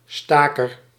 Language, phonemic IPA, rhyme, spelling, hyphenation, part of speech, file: Dutch, /ˈstaː.kər/, -aːkər, staker, sta‧ker, noun, Nl-staker.ogg
- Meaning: a striker, someone who goes on strike